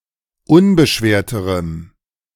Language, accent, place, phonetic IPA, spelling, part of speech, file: German, Germany, Berlin, [ˈʊnbəˌʃveːɐ̯təʁəm], unbeschwerterem, adjective, De-unbeschwerterem.ogg
- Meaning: strong dative masculine/neuter singular comparative degree of unbeschwert